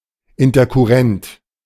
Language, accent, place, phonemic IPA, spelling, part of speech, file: German, Germany, Berlin, /ˌɪntɐkʊˈʁɛnt/, interkurrent, adjective, De-interkurrent.ogg
- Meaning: intercurrent